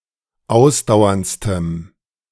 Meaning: strong dative masculine/neuter singular superlative degree of ausdauernd
- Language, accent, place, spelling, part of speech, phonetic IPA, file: German, Germany, Berlin, ausdauerndstem, adjective, [ˈaʊ̯sdaʊ̯ɐnt͡stəm], De-ausdauerndstem.ogg